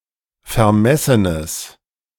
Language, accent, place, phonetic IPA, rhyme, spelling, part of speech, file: German, Germany, Berlin, [fɛɐ̯ˈmɛsənəs], -ɛsənəs, vermessenes, adjective, De-vermessenes.ogg
- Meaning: strong/mixed nominative/accusative neuter singular of vermessen